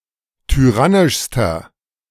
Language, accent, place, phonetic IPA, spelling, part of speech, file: German, Germany, Berlin, [tyˈʁanɪʃstɐ], tyrannischster, adjective, De-tyrannischster.ogg
- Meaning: inflection of tyrannisch: 1. strong/mixed nominative masculine singular superlative degree 2. strong genitive/dative feminine singular superlative degree 3. strong genitive plural superlative degree